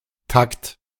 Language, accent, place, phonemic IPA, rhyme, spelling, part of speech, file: German, Germany, Berlin, /takt/, -akt, Takt, noun, De-Takt.ogg
- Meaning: 1. tact (keen perception or discernment) 2. time 3. bar, measure 4. moment 5. interval